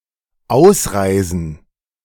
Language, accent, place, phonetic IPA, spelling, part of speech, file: German, Germany, Berlin, [ˈaʊ̯sˌʁaɪ̯zn̩], Ausreisen, noun, De-Ausreisen.ogg
- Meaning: plural of Ausreise